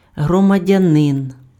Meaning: citizen
- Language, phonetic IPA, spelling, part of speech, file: Ukrainian, [ɦrɔmɐˈdʲanen], громадянин, noun, Uk-громадянин.ogg